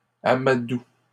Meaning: second-person singular present indicative/subjunctive of amadouer
- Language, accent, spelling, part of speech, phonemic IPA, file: French, Canada, amadoues, verb, /a.ma.du/, LL-Q150 (fra)-amadoues.wav